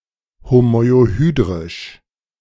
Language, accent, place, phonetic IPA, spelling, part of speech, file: German, Germany, Berlin, [homɔɪ̯oˈhyːdʁɪʃ], homoiohydrisch, adjective, De-homoiohydrisch.ogg
- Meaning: homoiohydric